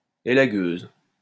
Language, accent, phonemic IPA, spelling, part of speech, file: French, France, /e.la.ɡøz/, élagueuse, noun, LL-Q150 (fra)-élagueuse.wav
- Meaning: female equivalent of élagueur